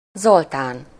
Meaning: a male given name
- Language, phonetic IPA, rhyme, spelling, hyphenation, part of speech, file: Hungarian, [ˈzoltaːn], -aːn, Zoltán, Zol‧tán, proper noun, Hu-Zoltán.ogg